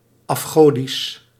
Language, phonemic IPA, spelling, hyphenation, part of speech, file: Dutch, /ˌɑfˈxoː.dis/, afgodisch, af‧go‧disch, adjective, Nl-afgodisch.ogg
- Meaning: idolatrous